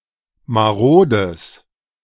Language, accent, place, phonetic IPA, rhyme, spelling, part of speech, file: German, Germany, Berlin, [maˈʁoːdəs], -oːdəs, marodes, adjective, De-marodes.ogg
- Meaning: strong/mixed nominative/accusative neuter singular of marode